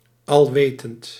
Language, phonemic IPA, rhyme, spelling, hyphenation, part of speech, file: Dutch, /ɑlˈʋeː.tənt/, -eːtənt, alwetend, al‧we‧tend, adjective, Nl-alwetend.ogg
- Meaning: omniscient, all-knowing